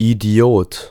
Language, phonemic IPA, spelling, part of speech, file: German, /iˈdi̯oːt/, Idiot, noun, De-Idiot.ogg
- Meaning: idiot; moron